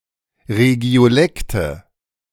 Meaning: nominative/accusative/genitive plural of Regiolekt
- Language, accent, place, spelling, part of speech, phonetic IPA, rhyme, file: German, Germany, Berlin, Regiolekte, noun, [ʁeɡi̯oˈlɛktə], -ɛktə, De-Regiolekte.ogg